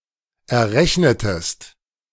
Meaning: inflection of errechnen: 1. second-person singular preterite 2. second-person singular subjunctive II
- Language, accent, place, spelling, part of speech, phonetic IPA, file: German, Germany, Berlin, errechnetest, verb, [ɛɐ̯ˈʁɛçnətəst], De-errechnetest.ogg